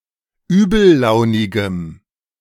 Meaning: strong dative masculine/neuter singular of übellaunig
- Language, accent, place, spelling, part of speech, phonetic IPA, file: German, Germany, Berlin, übellaunigem, adjective, [ˈyːbl̩ˌlaʊ̯nɪɡəm], De-übellaunigem.ogg